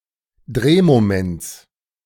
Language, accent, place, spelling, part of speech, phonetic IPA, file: German, Germany, Berlin, Drehmoments, noun, [ˈdʁeːmoˌmɛnt͡s], De-Drehmoments.ogg
- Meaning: genitive singular of Drehmoment